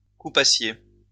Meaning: second-person plural imperfect subjunctive of couper
- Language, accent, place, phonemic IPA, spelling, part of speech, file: French, France, Lyon, /ku.pa.sje/, coupassiez, verb, LL-Q150 (fra)-coupassiez.wav